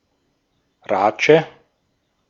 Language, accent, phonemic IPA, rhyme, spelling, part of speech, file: German, Austria, /ʁaːtʃə/, -at͡ʃə, Ratsche, noun, De-at-Ratsche.ogg
- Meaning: 1. socket wrench 2. ratchet